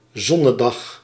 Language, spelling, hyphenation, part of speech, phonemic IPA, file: Dutch, zonnedag, zon‧ne‧dag, noun, /ˈzɔ.nəˌdɑx/, Nl-zonnedag.ogg
- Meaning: solar day